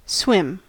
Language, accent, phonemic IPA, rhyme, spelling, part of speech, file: English, US, /swɪm/, -ɪm, swim, verb / noun, En-us-swim.ogg
- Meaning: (verb) 1. To move through the water, without touching the bottom; to propel oneself in water by natural means 2. To become immersed in, or as if in, or flooded with, or as if with, a liquid